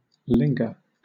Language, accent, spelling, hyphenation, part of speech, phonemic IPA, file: English, Southern England, linger, lin‧ger, verb, /ˈlɪŋɡə/, LL-Q1860 (eng)-linger.wav
- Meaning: To stay or remain in a place or situation, especially as if unwilling to depart or not easily able to do so